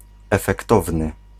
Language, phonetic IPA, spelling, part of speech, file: Polish, [ˌɛfɛkˈtɔvnɨ], efektowny, adjective, Pl-efektowny.ogg